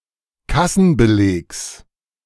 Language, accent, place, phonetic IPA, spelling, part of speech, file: German, Germany, Berlin, [ˈkasn̩bəˌleːks], Kassenbelegs, noun, De-Kassenbelegs.ogg
- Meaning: genitive singular of Kassenbeleg